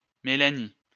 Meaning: a female given name, equivalent to English Melanie
- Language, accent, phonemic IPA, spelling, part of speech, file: French, France, /me.la.ni/, Mélanie, proper noun, LL-Q150 (fra)-Mélanie.wav